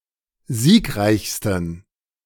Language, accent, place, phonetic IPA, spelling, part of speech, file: German, Germany, Berlin, [ˈziːkˌʁaɪ̯çstn̩], siegreichsten, adjective, De-siegreichsten.ogg
- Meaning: 1. superlative degree of siegreich 2. inflection of siegreich: strong genitive masculine/neuter singular superlative degree